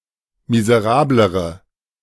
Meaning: inflection of miserabel: 1. strong/mixed nominative/accusative feminine singular comparative degree 2. strong nominative/accusative plural comparative degree
- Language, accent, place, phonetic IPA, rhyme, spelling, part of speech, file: German, Germany, Berlin, [mizəˈʁaːbləʁə], -aːbləʁə, miserablere, adjective, De-miserablere.ogg